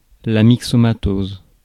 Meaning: myxomatosis
- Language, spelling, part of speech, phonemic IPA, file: French, myxomatose, noun, /mik.sɔ.ma.toz/, Fr-myxomatose.ogg